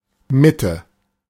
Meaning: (noun) 1. middle 2. center; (proper noun) The most central borough of Berlin
- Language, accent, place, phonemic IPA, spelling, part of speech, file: German, Germany, Berlin, /ˈmɪ.tə/, Mitte, noun / proper noun, De-Mitte.ogg